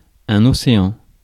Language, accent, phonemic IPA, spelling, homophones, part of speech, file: French, France, /ɔ.se.ɑ̃/, océan, océans, noun, Fr-océan.ogg
- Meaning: 1. an ocean (one of the large bodies of water separating the continents) 2. the ocean (the continuous body of salt water covering a majority of the Earth's surface)